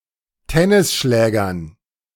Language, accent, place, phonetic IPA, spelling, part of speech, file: German, Germany, Berlin, [ˈtɛnɪsˌʃlɛːɡɐn], Tennisschlägern, noun, De-Tennisschlägern.ogg
- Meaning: dative plural of Tennisschläger